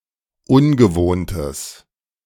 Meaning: strong/mixed nominative/accusative neuter singular of ungewohnt
- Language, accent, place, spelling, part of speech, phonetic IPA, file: German, Germany, Berlin, ungewohntes, adjective, [ˈʊnɡəˌvoːntəs], De-ungewohntes.ogg